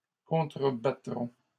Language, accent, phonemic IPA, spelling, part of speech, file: French, Canada, /kɔ̃.tʁə.ba.tʁɔ̃/, contrebattrons, verb, LL-Q150 (fra)-contrebattrons.wav
- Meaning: first-person plural future of contrebattre